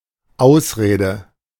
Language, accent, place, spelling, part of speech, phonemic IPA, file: German, Germany, Berlin, Ausrede, noun, /ˈaʊ̯sˌʁeːdə/, De-Ausrede.ogg
- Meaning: excuse